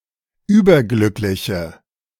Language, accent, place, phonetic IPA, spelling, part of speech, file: German, Germany, Berlin, [ˈyːbɐˌɡlʏklɪçə], überglückliche, adjective, De-überglückliche.ogg
- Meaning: inflection of überglücklich: 1. strong/mixed nominative/accusative feminine singular 2. strong nominative/accusative plural 3. weak nominative all-gender singular